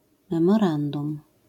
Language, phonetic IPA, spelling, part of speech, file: Polish, [ˌmɛ̃mɔˈrãndũm], memorandum, noun, LL-Q809 (pol)-memorandum.wav